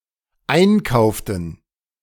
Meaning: inflection of einkaufen: 1. first/third-person plural dependent preterite 2. first/third-person plural dependent subjunctive II
- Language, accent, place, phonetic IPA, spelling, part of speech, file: German, Germany, Berlin, [ˈaɪ̯nˌkaʊ̯ftn̩], einkauften, verb, De-einkauften.ogg